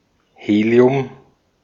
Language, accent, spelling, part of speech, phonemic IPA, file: German, Austria, Helium, noun, /ˈheːli̯ʊm/, De-at-Helium.ogg
- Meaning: helium; the chemical element and lighest noble gas with the atomic number 2